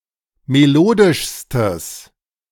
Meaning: strong/mixed nominative/accusative neuter singular superlative degree of melodisch
- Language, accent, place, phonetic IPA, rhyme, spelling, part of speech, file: German, Germany, Berlin, [meˈloːdɪʃstəs], -oːdɪʃstəs, melodischstes, adjective, De-melodischstes.ogg